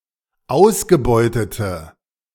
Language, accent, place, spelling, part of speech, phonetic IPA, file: German, Germany, Berlin, ausgebeutete, adjective, [ˈaʊ̯sɡəˌbɔɪ̯tətə], De-ausgebeutete.ogg
- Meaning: inflection of ausgebeutet: 1. strong/mixed nominative/accusative feminine singular 2. strong nominative/accusative plural 3. weak nominative all-gender singular